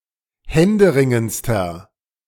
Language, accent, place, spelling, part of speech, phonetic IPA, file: German, Germany, Berlin, händeringendster, adjective, [ˈhɛndəˌʁɪŋənt͡stɐ], De-händeringendster.ogg
- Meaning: inflection of händeringend: 1. strong/mixed nominative masculine singular superlative degree 2. strong genitive/dative feminine singular superlative degree 3. strong genitive plural superlative degree